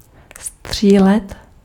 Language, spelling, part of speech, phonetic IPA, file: Czech, střílet, verb, [ˈstr̝̊iːlɛt], Cs-střílet.ogg
- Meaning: 1. to shoot, fire 2. to misfire (of a car's engine)